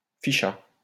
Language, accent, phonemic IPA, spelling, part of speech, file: French, France, /fi.ʃa/, ficha, verb, LL-Q150 (fra)-ficha.wav
- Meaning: third-person singular past historic of ficher